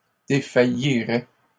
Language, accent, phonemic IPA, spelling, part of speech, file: French, Canada, /de.fa.ji.ʁɛ/, défaillirait, verb, LL-Q150 (fra)-défaillirait.wav
- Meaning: third-person singular conditional of défaillir